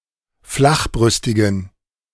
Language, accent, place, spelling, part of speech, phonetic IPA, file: German, Germany, Berlin, flachbrüstigen, adjective, [ˈflaxˌbʁʏstɪɡn̩], De-flachbrüstigen.ogg
- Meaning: inflection of flachbrüstig: 1. strong genitive masculine/neuter singular 2. weak/mixed genitive/dative all-gender singular 3. strong/weak/mixed accusative masculine singular 4. strong dative plural